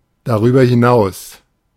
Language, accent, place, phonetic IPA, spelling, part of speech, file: German, Germany, Berlin, [daˌʁyːbɐ hɪˈnaʊ̯s], darüber hinaus, phrase, De-darüber hinaus.ogg
- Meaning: 1. furthermore, moreover 2. beyond it/this/that 3. besides it/this/that